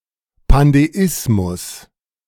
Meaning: pandeism
- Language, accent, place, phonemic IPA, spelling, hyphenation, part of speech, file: German, Germany, Berlin, /pandeˈɪsmʊs/, Pandeismus, Pan‧de‧is‧mus, noun, De-Pandeismus.ogg